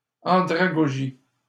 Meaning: andragogy
- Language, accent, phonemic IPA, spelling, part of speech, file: French, Canada, /ɑ̃.dʁa.ɡɔ.ʒi/, andragogie, noun, LL-Q150 (fra)-andragogie.wav